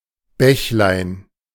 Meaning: diminutive of Bach
- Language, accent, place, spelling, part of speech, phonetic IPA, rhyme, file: German, Germany, Berlin, Bächlein, noun, [ˈbɛçlaɪ̯n], -ɛçlaɪ̯n, De-Bächlein.ogg